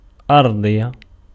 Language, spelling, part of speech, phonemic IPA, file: Arabic, أرضية, noun / adjective, /ʔar.dˤij.ja/, Ar-أرضية.ogg
- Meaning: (noun) 1. floor (“lower part of a room”) 2. female equivalent of أَرْضِيّ (ʔarḍiyy, “Terran, Earthling”); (adjective) feminine singular of أَرْضِيّ (ʔarḍiyy)